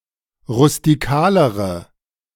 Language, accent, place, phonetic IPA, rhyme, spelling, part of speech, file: German, Germany, Berlin, [ʁʊstiˈkaːləʁə], -aːləʁə, rustikalere, adjective, De-rustikalere.ogg
- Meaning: inflection of rustikal: 1. strong/mixed nominative/accusative feminine singular comparative degree 2. strong nominative/accusative plural comparative degree